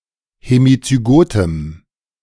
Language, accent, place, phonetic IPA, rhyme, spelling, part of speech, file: German, Germany, Berlin, [hemit͡syˈɡoːtəm], -oːtəm, hemizygotem, adjective, De-hemizygotem.ogg
- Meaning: strong dative masculine/neuter singular of hemizygot